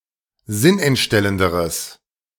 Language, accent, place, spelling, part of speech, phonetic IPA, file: German, Germany, Berlin, sinnentstellenderes, adjective, [ˈzɪnʔɛntˌʃtɛləndəʁəs], De-sinnentstellenderes.ogg
- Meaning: strong/mixed nominative/accusative neuter singular comparative degree of sinnentstellend